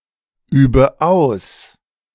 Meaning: inflection of ausüben: 1. first-person singular present 2. first/third-person singular subjunctive I 3. singular imperative
- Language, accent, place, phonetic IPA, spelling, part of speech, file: German, Germany, Berlin, [ˌyːbə ˈaʊ̯s], übe aus, verb, De-übe aus.ogg